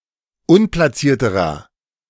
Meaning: inflection of unplatziert: 1. strong/mixed nominative masculine singular comparative degree 2. strong genitive/dative feminine singular comparative degree 3. strong genitive plural comparative degree
- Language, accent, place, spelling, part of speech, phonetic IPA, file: German, Germany, Berlin, unplatzierterer, adjective, [ˈʊnplaˌt͡siːɐ̯təʁɐ], De-unplatzierterer.ogg